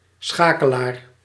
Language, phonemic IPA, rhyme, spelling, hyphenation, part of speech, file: Dutch, /ˈsxaː.kəˌlaːr/, -aːkəlaːr, schakelaar, scha‧ke‧laar, noun, Nl-schakelaar.ogg
- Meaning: a switch (device for directing the flow of electric currents)